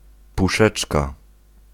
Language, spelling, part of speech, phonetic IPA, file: Polish, puszeczka, noun, [puˈʃɛt͡ʃka], Pl-puszeczka.ogg